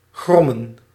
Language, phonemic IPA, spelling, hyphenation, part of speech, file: Dutch, /ˈɣrɔ.mə(n)/, grommen, grom‧men, verb, Nl-grommen.ogg
- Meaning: to grumble, growl